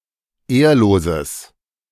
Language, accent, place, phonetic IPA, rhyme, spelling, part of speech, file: German, Germany, Berlin, [ˈeːɐ̯loːzəs], -eːɐ̯loːzəs, ehrloses, adjective, De-ehrloses.ogg
- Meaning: strong/mixed nominative/accusative neuter singular of ehrlos